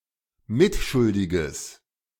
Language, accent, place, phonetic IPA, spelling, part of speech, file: German, Germany, Berlin, [ˈmɪtˌʃʊldɪɡəs], mitschuldiges, adjective, De-mitschuldiges.ogg
- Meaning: strong/mixed nominative/accusative neuter singular of mitschuldig